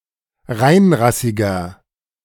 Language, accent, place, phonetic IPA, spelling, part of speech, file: German, Germany, Berlin, [ˈʁaɪ̯nˌʁasɪɡɐ], reinrassiger, adjective, De-reinrassiger.ogg
- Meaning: inflection of reinrassig: 1. strong/mixed nominative masculine singular 2. strong genitive/dative feminine singular 3. strong genitive plural